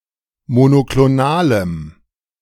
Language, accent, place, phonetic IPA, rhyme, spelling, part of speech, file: German, Germany, Berlin, [monokloˈnaːləm], -aːləm, monoklonalem, adjective, De-monoklonalem.ogg
- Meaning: strong dative masculine/neuter singular of monoklonal